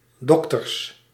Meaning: plural of dokter
- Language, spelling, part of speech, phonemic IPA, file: Dutch, dokters, noun, /ˈdɔktərs/, Nl-dokters.ogg